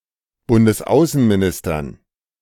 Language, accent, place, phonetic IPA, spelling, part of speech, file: German, Germany, Berlin, [ˌbʊndəsˈaʊ̯sənmiˌnɪstɐn], Bundesaußenministern, noun, De-Bundesaußenministern.ogg
- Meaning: dative plural of Bundesaußenminister